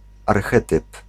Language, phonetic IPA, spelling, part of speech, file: Polish, [arˈxɛtɨp], archetyp, noun, Pl-archetyp.ogg